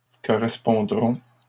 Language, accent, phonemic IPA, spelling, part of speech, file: French, Canada, /kɔ.ʁɛs.pɔ̃.dʁɔ̃/, correspondrons, verb, LL-Q150 (fra)-correspondrons.wav
- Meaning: first-person plural future of correspondre